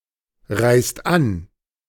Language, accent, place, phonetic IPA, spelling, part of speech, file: German, Germany, Berlin, [ˌʁaɪ̯st ˈan], reist an, verb, De-reist an.ogg
- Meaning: inflection of anreisen: 1. second/third-person singular present 2. second-person plural present 3. plural imperative